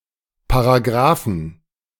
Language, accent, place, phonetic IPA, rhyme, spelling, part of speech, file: German, Germany, Berlin, [paʁaˈɡʁaːfn̩], -aːfn̩, Paragraphen, noun, De-Paragraphen.ogg
- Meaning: 1. genitive singular of Paragraph 2. plural of Paragraph